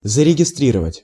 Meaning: 1. to register, to log, to record 2. to enroll
- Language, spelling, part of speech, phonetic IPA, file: Russian, зарегистрировать, verb, [zərʲɪɡʲɪˈstrʲirəvətʲ], Ru-зарегистрировать.ogg